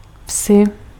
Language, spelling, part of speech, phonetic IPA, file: Czech, vsi, noun, [ˈfsɪ], Cs-vsi.ogg
- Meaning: inflection of ves: 1. genitive/dative/vocative/locative singular 2. nominative/accusative/vocative plural